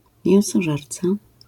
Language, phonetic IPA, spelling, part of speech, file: Polish, [ˌmʲjɛ̃w̃sɔˈʒɛrt͡sa], mięsożerca, noun, LL-Q809 (pol)-mięsożerca.wav